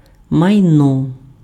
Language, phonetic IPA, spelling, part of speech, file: Ukrainian, [mɐi̯ˈnɔ], майно, noun, Uk-майно.ogg
- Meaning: property, belongings